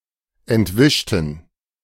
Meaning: inflection of entwischen: 1. first/third-person plural preterite 2. first/third-person plural subjunctive II
- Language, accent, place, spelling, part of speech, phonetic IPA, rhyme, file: German, Germany, Berlin, entwischten, adjective / verb, [ɛntˈvɪʃtn̩], -ɪʃtn̩, De-entwischten.ogg